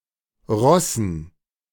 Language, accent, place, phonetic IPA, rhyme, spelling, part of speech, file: German, Germany, Berlin, [ˈʁɔsn̩], -ɔsn̩, Rossen, noun, De-Rossen.ogg
- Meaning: dative plural of Ross